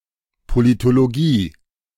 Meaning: political science
- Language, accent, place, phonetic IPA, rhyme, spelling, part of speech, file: German, Germany, Berlin, [politoloˈɡiː], -iː, Politologie, noun, De-Politologie.ogg